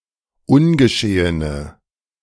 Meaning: inflection of ungeschehen: 1. strong/mixed nominative/accusative feminine singular 2. strong nominative/accusative plural 3. weak nominative all-gender singular
- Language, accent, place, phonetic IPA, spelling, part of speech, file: German, Germany, Berlin, [ˈʊnɡəˌʃeːənə], ungeschehene, adjective, De-ungeschehene.ogg